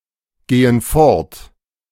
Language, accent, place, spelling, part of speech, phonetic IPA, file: German, Germany, Berlin, gehen fort, verb, [ˌɡeːən ˈfɔʁt], De-gehen fort.ogg
- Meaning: inflection of fortgehen: 1. first/third-person plural present 2. first/third-person plural subjunctive I